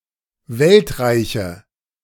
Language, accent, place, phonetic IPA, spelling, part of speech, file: German, Germany, Berlin, [ˈvɛltˌʁaɪ̯çə], Weltreiche, noun, De-Weltreiche.ogg
- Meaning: nominative/accusative/genitive plural of Weltreich